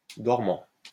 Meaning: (adjective) 1. dormant 2. asleep; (verb) present participle of dormir
- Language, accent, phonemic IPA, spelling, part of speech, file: French, France, /dɔʁ.mɑ̃/, dormant, adjective / verb, LL-Q150 (fra)-dormant.wav